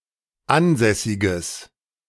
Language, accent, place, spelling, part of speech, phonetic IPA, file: German, Germany, Berlin, ansässiges, adjective, [ˈanˌzɛsɪɡəs], De-ansässiges.ogg
- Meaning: strong/mixed nominative/accusative neuter singular of ansässig